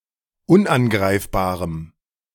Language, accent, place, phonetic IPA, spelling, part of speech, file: German, Germany, Berlin, [ˈʊnʔanˌɡʁaɪ̯fbaːʁəm], unangreifbarem, adjective, De-unangreifbarem.ogg
- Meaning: strong dative masculine/neuter singular of unangreifbar